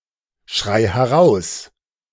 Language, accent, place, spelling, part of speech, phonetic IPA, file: German, Germany, Berlin, schrei heraus, verb, [ˌʃʁaɪ̯ hɛˈʁaʊ̯s], De-schrei heraus.ogg
- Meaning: singular imperative of herausschreien